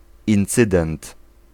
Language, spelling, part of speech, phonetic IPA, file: Polish, incydent, noun, [ĩnˈt͡sɨdɛ̃nt], Pl-incydent.ogg